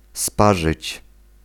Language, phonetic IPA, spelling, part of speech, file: Polish, [ˈspaʒɨt͡ɕ], sparzyć, verb, Pl-sparzyć.ogg